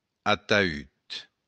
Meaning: coffin, casket
- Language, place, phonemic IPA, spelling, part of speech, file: Occitan, Béarn, /atay/, ataüt, noun, LL-Q14185 (oci)-ataüt.wav